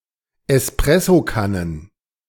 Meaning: plural of Espressokanne
- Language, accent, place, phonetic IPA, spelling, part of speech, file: German, Germany, Berlin, [ɛsˈpʁɛsoˌkanən], Espressokannen, noun, De-Espressokannen.ogg